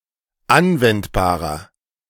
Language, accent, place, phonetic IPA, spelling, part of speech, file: German, Germany, Berlin, [ˈanvɛntbaːʁɐ], anwendbarer, adjective, De-anwendbarer.ogg
- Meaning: 1. comparative degree of anwendbar 2. inflection of anwendbar: strong/mixed nominative masculine singular 3. inflection of anwendbar: strong genitive/dative feminine singular